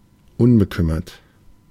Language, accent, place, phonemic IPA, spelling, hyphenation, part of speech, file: German, Germany, Berlin, /ˈʊnbəˌkʏmɐt/, unbekümmert, un‧be‧küm‧mert, adjective, De-unbekümmert.ogg
- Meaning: 1. unconcerned, carefree, blithe 2. careless